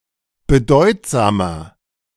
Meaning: 1. comparative degree of bedeutsam 2. inflection of bedeutsam: strong/mixed nominative masculine singular 3. inflection of bedeutsam: strong genitive/dative feminine singular
- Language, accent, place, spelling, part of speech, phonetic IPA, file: German, Germany, Berlin, bedeutsamer, adjective, [bəˈdɔɪ̯tzaːmɐ], De-bedeutsamer.ogg